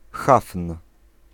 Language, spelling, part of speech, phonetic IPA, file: Polish, hafn, noun, [xafn̥], Pl-hafn.ogg